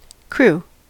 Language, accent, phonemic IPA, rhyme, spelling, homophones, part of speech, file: English, General American, /kɹu/, -uː, crew, crewe / Crewe / cru, noun / verb, En-us-crew.ogg
- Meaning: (noun) A group of people together: Any company of people; an assemblage; a throng